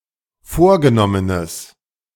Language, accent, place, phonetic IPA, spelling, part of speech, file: German, Germany, Berlin, [ˈfoːɐ̯ɡəˌnɔmənəs], vorgenommenes, adjective, De-vorgenommenes.ogg
- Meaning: strong/mixed nominative/accusative neuter singular of vorgenommen